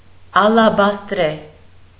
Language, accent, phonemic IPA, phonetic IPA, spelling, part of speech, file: Armenian, Eastern Armenian, /ɑlɑbɑstˈɾe/, [ɑlɑbɑstɾé], ալաբաստրե, adjective, Hy-ալաբաստրե.ogg
- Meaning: alternative spelling of ալեբաստրե (alebastre)